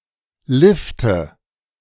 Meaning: nominative/accusative/genitive plural of Lift
- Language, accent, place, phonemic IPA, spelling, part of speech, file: German, Germany, Berlin, /ˈlɪftə/, Lifte, noun, De-Lifte.ogg